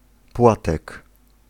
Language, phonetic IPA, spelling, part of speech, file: Polish, [ˈpwatɛk], płatek, noun, Pl-płatek.ogg